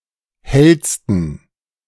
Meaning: 1. superlative degree of hell 2. inflection of hell: strong genitive masculine/neuter singular superlative degree
- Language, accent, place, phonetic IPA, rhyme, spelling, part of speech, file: German, Germany, Berlin, [ˈhɛlstn̩], -ɛlstn̩, hellsten, adjective, De-hellsten.ogg